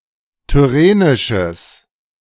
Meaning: strong/mixed nominative/accusative neuter singular of tyrrhenisch
- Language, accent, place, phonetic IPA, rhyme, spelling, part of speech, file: German, Germany, Berlin, [tʏˈʁeːnɪʃəs], -eːnɪʃəs, tyrrhenisches, adjective, De-tyrrhenisches.ogg